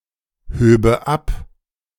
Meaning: first/third-person singular subjunctive II of abheben
- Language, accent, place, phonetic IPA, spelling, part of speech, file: German, Germany, Berlin, [ˌhøːbə ˈap], höbe ab, verb, De-höbe ab.ogg